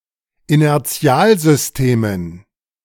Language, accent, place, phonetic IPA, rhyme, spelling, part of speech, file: German, Germany, Berlin, [inɛʁˈt͡si̯aːlzʏsˌteːmən], -aːlzʏsteːmən, Inertialsystemen, noun, De-Inertialsystemen.ogg
- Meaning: dative plural of Inertialsystem